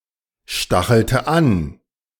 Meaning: inflection of anstacheln: 1. first/third-person singular preterite 2. first/third-person singular subjunctive II
- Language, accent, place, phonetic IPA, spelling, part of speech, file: German, Germany, Berlin, [ˌʃtaxl̩tə ˈan], stachelte an, verb, De-stachelte an.ogg